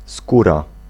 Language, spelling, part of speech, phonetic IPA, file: Polish, skóra, noun, [ˈskura], Pl-skóra.ogg